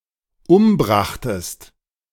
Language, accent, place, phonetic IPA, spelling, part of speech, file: German, Germany, Berlin, [ˈʊmˌbʁaxtəst], umbrachtest, verb, De-umbrachtest.ogg
- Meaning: second-person singular dependent preterite of umbringen